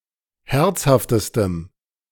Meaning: strong dative masculine/neuter singular superlative degree of herzhaft
- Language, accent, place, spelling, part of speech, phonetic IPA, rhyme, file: German, Germany, Berlin, herzhaftestem, adjective, [ˈhɛʁt͡shaftəstəm], -ɛʁt͡shaftəstəm, De-herzhaftestem.ogg